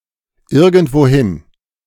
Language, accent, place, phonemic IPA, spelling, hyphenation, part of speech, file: German, Germany, Berlin, /ˈɪʁɡəndvoːˈhɪn/, irgendwohin, ir‧gend‧wo‧hin, adverb, De-irgendwohin.ogg
- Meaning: 1. to some place, somewhere 2. to any place, anywhere